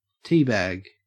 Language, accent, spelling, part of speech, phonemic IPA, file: English, Australia, teabag, noun / verb, /ˈtiː(ˌ)bæɡ/, En-au-teabag.ogg
- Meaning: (noun) A cloth or paper sachet containing tea leaves or herbal tea, designed to act as an infuser when submerged in hot water